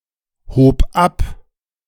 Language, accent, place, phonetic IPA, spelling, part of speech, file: German, Germany, Berlin, [ˌhoːp ˈap], hob ab, verb, De-hob ab.ogg
- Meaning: first/third-person singular preterite of abheben